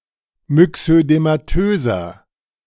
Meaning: inflection of myxödematös: 1. strong/mixed nominative masculine singular 2. strong genitive/dative feminine singular 3. strong genitive plural
- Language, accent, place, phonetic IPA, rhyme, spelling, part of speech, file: German, Germany, Berlin, [mʏksødemaˈtøːzɐ], -øːzɐ, myxödematöser, adjective, De-myxödematöser.ogg